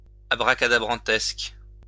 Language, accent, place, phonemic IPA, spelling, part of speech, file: French, France, Lyon, /a.bʁa.ka.da.bʁɑ̃.tɛsk/, abracadabrantesque, adjective, LL-Q150 (fra)-abracadabrantesque.wav
- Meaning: totally ludicrous